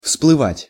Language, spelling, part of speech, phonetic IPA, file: Russian, всплывать, verb, [fspɫɨˈvatʲ], Ru-всплывать.ogg
- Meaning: 1. to rise to the surface, to surface 2. to appear, to pop up, to emerge